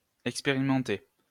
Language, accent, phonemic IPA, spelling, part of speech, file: French, France, /ɛk.spe.ʁi.mɑ̃.te/, expérimenter, verb, LL-Q150 (fra)-expérimenter.wav
- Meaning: 1. to experiment 2. to experience